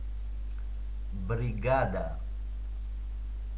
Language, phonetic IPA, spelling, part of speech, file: Russian, [brʲɪˈɡadə], бригада, noun, Ru-бригада.ogg
- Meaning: 1. crew, team, gang (group of people employed to work together on a common task) 2. brigade 3. gang, crew (group of criminals)